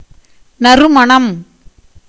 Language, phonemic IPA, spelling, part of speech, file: Tamil, /nɐrʊmɐɳɐm/, நறுமணம், noun, Ta-நறுமணம்.ogg
- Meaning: 1. fragrance, scent, aroma 2. flavour